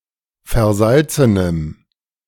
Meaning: strong dative masculine/neuter singular of versalzen
- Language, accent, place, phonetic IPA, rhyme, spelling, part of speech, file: German, Germany, Berlin, [fɛɐ̯ˈzalt͡sənəm], -alt͡sənəm, versalzenem, adjective, De-versalzenem.ogg